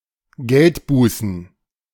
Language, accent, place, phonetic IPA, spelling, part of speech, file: German, Germany, Berlin, [ˈɡɛltˌbuːsn̩], Geldbußen, noun, De-Geldbußen.ogg
- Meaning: plural of Geldbuße